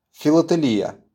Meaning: philately
- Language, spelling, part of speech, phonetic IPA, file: Russian, филателия, noun, [fʲɪɫətɨˈlʲijə], RU-филателия.wav